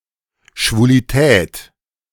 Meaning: trouble
- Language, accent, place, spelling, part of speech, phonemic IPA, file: German, Germany, Berlin, Schwulität, noun, /ʃvuliˈtɛːt/, De-Schwulität.ogg